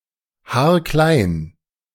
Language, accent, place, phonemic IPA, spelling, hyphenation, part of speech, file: German, Germany, Berlin, /ˈhaːɐ̯klaɪ̯n/, haarklein, haar‧klein, adjective, De-haarklein.ogg
- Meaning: to a hair, in great detail